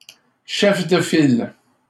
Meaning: 1. leader 2. party leader 3. lead ship; name ship; class leader
- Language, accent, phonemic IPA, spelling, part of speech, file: French, Canada, /ʃɛf də fil/, chef de file, noun, LL-Q150 (fra)-chef de file.wav